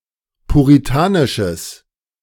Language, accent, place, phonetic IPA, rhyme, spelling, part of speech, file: German, Germany, Berlin, [puʁiˈtaːnɪʃəs], -aːnɪʃəs, puritanisches, adjective, De-puritanisches.ogg
- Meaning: strong/mixed nominative/accusative neuter singular of puritanisch